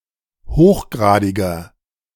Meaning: inflection of hochgradig: 1. strong/mixed nominative masculine singular 2. strong genitive/dative feminine singular 3. strong genitive plural
- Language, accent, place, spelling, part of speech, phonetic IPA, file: German, Germany, Berlin, hochgradiger, adjective, [ˈhoːxˌɡʁaːdɪɡɐ], De-hochgradiger.ogg